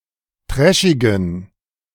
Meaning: inflection of trashig: 1. strong genitive masculine/neuter singular 2. weak/mixed genitive/dative all-gender singular 3. strong/weak/mixed accusative masculine singular 4. strong dative plural
- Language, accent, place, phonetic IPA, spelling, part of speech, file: German, Germany, Berlin, [ˈtʁɛʃɪɡn̩], trashigen, adjective, De-trashigen.ogg